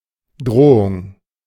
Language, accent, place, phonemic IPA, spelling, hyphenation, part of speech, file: German, Germany, Berlin, /ˈdʁoːʊŋ/, Drohung, Dro‧hung, noun, De-Drohung.ogg
- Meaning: threat (expression of intent to injure or punish another)